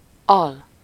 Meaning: lower part of something
- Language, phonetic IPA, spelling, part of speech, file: Hungarian, [ˈɒl], al, noun, Hu-al.ogg